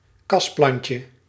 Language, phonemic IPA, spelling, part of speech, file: Dutch, /ˈkɑsplɑɲcə/, kasplantje, noun, Nl-kasplantje.ogg
- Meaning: diminutive of kasplant